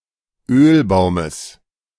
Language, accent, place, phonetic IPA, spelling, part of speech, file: German, Germany, Berlin, [ˈøːlˌbaʊ̯məs], Ölbaumes, noun, De-Ölbaumes.ogg
- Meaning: genitive of Ölbaum